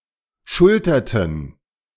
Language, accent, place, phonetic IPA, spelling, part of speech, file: German, Germany, Berlin, [ˈʃʊltɐtn̩], schulterten, verb, De-schulterten.ogg
- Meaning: inflection of schultern: 1. first/third-person plural preterite 2. first/third-person plural subjunctive II